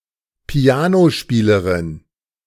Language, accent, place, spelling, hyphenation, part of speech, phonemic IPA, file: German, Germany, Berlin, Pianospielerin, Pi‧a‧no‧spie‧le‧rin, noun, /ˈpi̯aːnoˌʃpiːləʁɪn/, De-Pianospielerin.ogg
- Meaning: female equivalent of Pianospieler (“pianist, piano player”)